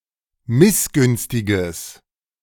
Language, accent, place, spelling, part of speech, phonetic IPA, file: German, Germany, Berlin, missgünstiges, adjective, [ˈmɪsˌɡʏnstɪɡəs], De-missgünstiges.ogg
- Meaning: strong/mixed nominative/accusative neuter singular of missgünstig